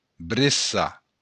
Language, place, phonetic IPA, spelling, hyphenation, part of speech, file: Occitan, Béarn, [bɾeˈsa], breçar, bre‧çar, verb, LL-Q14185 (oci)-breçar.wav
- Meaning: 1. to cradle 2. to rock (to move gently back and forth)